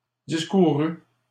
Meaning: third-person singular past historic of discourir
- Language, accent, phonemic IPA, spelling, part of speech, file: French, Canada, /dis.ku.ʁy/, discourut, verb, LL-Q150 (fra)-discourut.wav